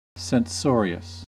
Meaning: 1. Addicted to censure and scolding; apt to blame or condemn; severe in making remarks on others, or on their writings or manners 2. Implying or expressing censure
- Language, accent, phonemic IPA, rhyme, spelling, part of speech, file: English, US, /sɛnˈsɔɹiəs/, -ɔːɹiəs, censorious, adjective, En-us-censorious.ogg